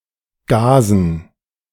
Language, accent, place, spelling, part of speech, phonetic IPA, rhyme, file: German, Germany, Berlin, Gazen, noun, [ˈɡaːzn̩], -aːzn̩, De-Gazen.ogg
- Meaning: plural of Gaze